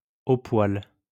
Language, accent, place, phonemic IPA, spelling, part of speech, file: French, France, Lyon, /o pwal/, au poil, adverb, LL-Q150 (fra)-au poil.wav
- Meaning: perfect